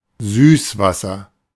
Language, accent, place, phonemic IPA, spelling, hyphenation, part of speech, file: German, Germany, Berlin, /ˈzyːsvasɐ/, Süßwasser, Süß‧was‧ser, noun, De-Süßwasser.ogg
- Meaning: fresh water (not salted)